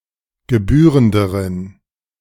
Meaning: inflection of gebührend: 1. strong genitive masculine/neuter singular comparative degree 2. weak/mixed genitive/dative all-gender singular comparative degree
- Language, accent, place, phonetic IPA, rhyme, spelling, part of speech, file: German, Germany, Berlin, [ɡəˈbyːʁəndəʁən], -yːʁəndəʁən, gebührenderen, adjective, De-gebührenderen.ogg